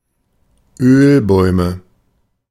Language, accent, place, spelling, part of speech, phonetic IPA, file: German, Germany, Berlin, Ölbäume, noun, [ˈøːlˌbɔɪ̯mə], De-Ölbäume.ogg
- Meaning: plural of Ölbaum